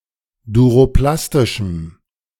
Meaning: strong dative masculine/neuter singular of duroplastisch
- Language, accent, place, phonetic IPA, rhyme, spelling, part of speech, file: German, Germany, Berlin, [duʁoˈplastɪʃm̩], -astɪʃm̩, duroplastischem, adjective, De-duroplastischem.ogg